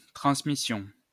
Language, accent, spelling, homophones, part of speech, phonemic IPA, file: French, France, transmissions, transmission, noun / verb, /tʁɑ̃s.mi.sjɔ̃/, LL-Q150 (fra)-transmissions.wav
- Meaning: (noun) plural of transmission; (verb) first-person plural imperfect subjunctive of transmettre